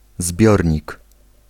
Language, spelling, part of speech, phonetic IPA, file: Polish, zbiornik, noun, [ˈzbʲjɔrʲɲik], Pl-zbiornik.ogg